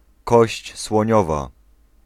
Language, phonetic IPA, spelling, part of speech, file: Polish, [ˈkɔɕt͡ɕ swɔ̃ˈɲɔva], kość słoniowa, noun, Pl-kość słoniowa.ogg